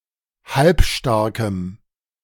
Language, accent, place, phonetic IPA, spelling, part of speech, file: German, Germany, Berlin, [ˈhalpˌʃtaʁkəm], halbstarkem, adjective, De-halbstarkem.ogg
- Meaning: strong dative masculine/neuter singular of halbstark